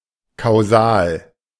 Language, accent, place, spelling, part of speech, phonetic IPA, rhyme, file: German, Germany, Berlin, kausal, adjective, [kaʊ̯ˈzaːl], -aːl, De-kausal.ogg
- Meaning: causal